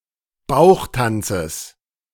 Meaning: genitive singular of Bauchtanz
- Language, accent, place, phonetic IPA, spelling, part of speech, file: German, Germany, Berlin, [ˈbaʊ̯xˌtant͡səs], Bauchtanzes, noun, De-Bauchtanzes.ogg